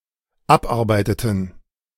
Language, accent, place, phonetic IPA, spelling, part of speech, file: German, Germany, Berlin, [ˈapˌʔaʁbaɪ̯tətn̩], abarbeiteten, verb, De-abarbeiteten.ogg
- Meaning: inflection of abarbeiten: 1. first/third-person plural dependent preterite 2. first/third-person plural dependent subjunctive II